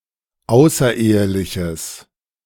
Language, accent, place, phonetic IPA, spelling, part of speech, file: German, Germany, Berlin, [ˈaʊ̯sɐˌʔeːəlɪçəs], außereheliches, adjective, De-außereheliches.ogg
- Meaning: strong/mixed nominative/accusative neuter singular of außerehelich